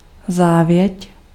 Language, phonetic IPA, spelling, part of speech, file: Czech, [ˈzaːvjɛc], závěť, noun, Cs-závěť.ogg
- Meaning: testament, will